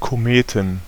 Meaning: plural of Komet
- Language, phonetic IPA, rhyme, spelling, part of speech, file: German, [koˈmeːtn̩], -eːtn̩, Kometen, noun, De-Kometen.ogg